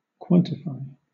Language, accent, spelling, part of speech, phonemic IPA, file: English, Southern England, quantify, verb, /ˈkwɒn.tɪˌfaɪ/, LL-Q1860 (eng)-quantify.wav
- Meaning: 1. To assign a quantity to 2. To determine the value of (a variable or expression)